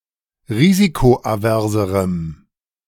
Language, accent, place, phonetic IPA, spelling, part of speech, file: German, Germany, Berlin, [ˈʁiːzikoʔaˌvɛʁzəʁəm], risikoaverserem, adjective, De-risikoaverserem.ogg
- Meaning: strong dative masculine/neuter singular comparative degree of risikoavers